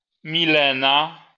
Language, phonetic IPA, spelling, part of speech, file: Polish, [mʲiˈlɛ̃na], Milena, proper noun, LL-Q809 (pol)-Milena.wav